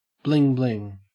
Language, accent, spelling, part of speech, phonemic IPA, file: English, Australia, bling bling, noun, /ˌblɪŋ ˈblɪŋ/, En-au-bling bling.ogg
- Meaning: Shiny jewelry that displays wealth, such as a diamond ring or a stylish gold necklace or bracelet